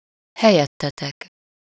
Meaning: second-person plural of helyette
- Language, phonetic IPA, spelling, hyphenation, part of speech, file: Hungarian, [ˈhɛjɛtːɛtɛk], helyettetek, he‧lyet‧te‧tek, pronoun, Hu-helyettetek.ogg